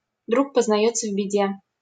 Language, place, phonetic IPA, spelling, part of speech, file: Russian, Saint Petersburg, [druk pəznɐˈjɵt͡sːə v‿bʲɪˈdʲe], друг познаётся в беде, proverb, LL-Q7737 (rus)-друг познаётся в беде.wav
- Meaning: a friend in need is a friend indeed